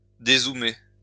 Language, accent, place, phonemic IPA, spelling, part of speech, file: French, France, Lyon, /de.zu.me/, dézoomer, verb, LL-Q150 (fra)-dézoomer.wav
- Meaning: to zoom out